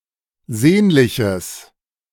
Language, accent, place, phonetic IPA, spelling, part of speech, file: German, Germany, Berlin, [ˈzeːnlɪçəs], sehnliches, adjective, De-sehnliches.ogg
- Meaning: strong/mixed nominative/accusative neuter singular of sehnlich